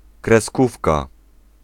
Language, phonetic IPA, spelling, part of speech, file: Polish, [krɛˈskufka], kreskówka, noun, Pl-kreskówka.ogg